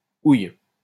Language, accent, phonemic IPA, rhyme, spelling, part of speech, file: French, France, /uj/, -uj, ouille, interjection, LL-Q150 (fra)-ouille.wav
- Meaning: ouch! ow!